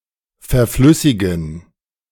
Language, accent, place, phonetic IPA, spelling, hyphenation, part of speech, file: German, Germany, Berlin, [fɛɐ̯ˈflʏsɪɡn̩], verflüssigen, ver‧flüs‧si‧gen, verb, De-verflüssigen.ogg
- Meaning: to liquefy, to liquify